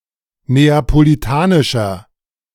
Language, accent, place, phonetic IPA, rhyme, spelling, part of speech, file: German, Germany, Berlin, [ˌneːapoliˈtaːnɪʃɐ], -aːnɪʃɐ, neapolitanischer, adjective, De-neapolitanischer.ogg
- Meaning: inflection of neapolitanisch: 1. strong/mixed nominative masculine singular 2. strong genitive/dative feminine singular 3. strong genitive plural